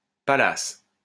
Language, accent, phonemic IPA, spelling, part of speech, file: French, France, /pa.las/, Pallas, proper noun, LL-Q150 (fra)-Pallas.wav
- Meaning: 1. Pallas 2. Pallas, the second asteroid discovered 3. a surname from Occitan